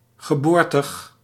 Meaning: 1. born [with van or uit ‘in, at’] (of location) 2. born [with uit ‘to, from’] (of ancestry)
- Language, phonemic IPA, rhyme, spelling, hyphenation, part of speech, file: Dutch, /ɣəˈboːr.təx/, -oːrtəx, geboortig, ge‧boor‧tig, adjective, Nl-geboortig.ogg